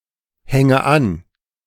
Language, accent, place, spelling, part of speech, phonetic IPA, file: German, Germany, Berlin, hänge an, verb, [ˌhɛŋə ˈan], De-hänge an.ogg
- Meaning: inflection of anhängen: 1. first-person singular present 2. first/third-person singular subjunctive I 3. singular imperative